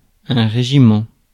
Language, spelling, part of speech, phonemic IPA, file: French, régiment, noun, /ʁe.ʒi.mɑ̃/, Fr-régiment.ogg
- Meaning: regiment (army unit)